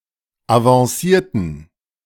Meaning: inflection of avancieren: 1. first/third-person plural preterite 2. first/third-person plural subjunctive II
- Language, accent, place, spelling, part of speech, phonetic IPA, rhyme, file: German, Germany, Berlin, avancierten, adjective / verb, [avɑ̃ˈsiːɐ̯tn̩], -iːɐ̯tn̩, De-avancierten.ogg